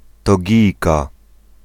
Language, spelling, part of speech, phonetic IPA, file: Polish, Togijka, noun, [tɔˈɟijka], Pl-Togijka.ogg